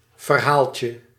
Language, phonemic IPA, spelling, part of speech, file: Dutch, /vərˈhalcə/, verhaaltje, noun, Nl-verhaaltje.ogg
- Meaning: 1. diminutive of verhaal 2. tale, story